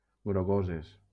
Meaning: feminine plural of grogós
- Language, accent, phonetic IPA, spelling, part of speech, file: Catalan, Valencia, [ɡɾoˈɣo.zes], grogoses, adjective, LL-Q7026 (cat)-grogoses.wav